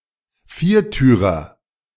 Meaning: a car with four doors; four-door
- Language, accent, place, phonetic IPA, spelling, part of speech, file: German, Germany, Berlin, [ˈfiːɐ̯ˌtyːʁɐ], Viertürer, noun, De-Viertürer.ogg